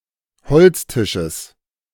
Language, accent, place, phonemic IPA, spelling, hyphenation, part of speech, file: German, Germany, Berlin, /ˈhɔlt͡sˌtɪʃəs/, Holztisches, Holz‧ti‧sches, noun, De-Holztisches.ogg
- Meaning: genitive singular of Holztisch